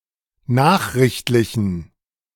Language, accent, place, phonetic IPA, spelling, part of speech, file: German, Germany, Berlin, [ˈnaːxʁɪçtlɪçn̩], nachrichtlichen, adjective, De-nachrichtlichen.ogg
- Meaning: inflection of nachrichtlich: 1. strong genitive masculine/neuter singular 2. weak/mixed genitive/dative all-gender singular 3. strong/weak/mixed accusative masculine singular 4. strong dative plural